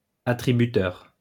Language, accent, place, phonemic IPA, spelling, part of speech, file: French, France, Lyon, /a.tʁi.by.tœʁ/, attributeur, adjective, LL-Q150 (fra)-attributeur.wav
- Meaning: synonym of attributif